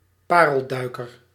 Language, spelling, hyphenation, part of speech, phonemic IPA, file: Dutch, parelduiker, pa‧rel‧dui‧ker, noun, /ˈpaː.rəlˌdœy̯.kər/, Nl-parelduiker.ogg
- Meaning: 1. a pearl diver, pearl fisher 2. black-throated diver (Gavia arctica)